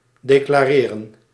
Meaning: to declare (inform government customs or taxation officials of goods one is importing or of income, expenses, or other circumstances affecting one's taxes)
- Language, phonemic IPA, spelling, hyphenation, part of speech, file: Dutch, /deːklaːˈreːrə(n)/, declareren, de‧cla‧re‧ren, verb, Nl-declareren.ogg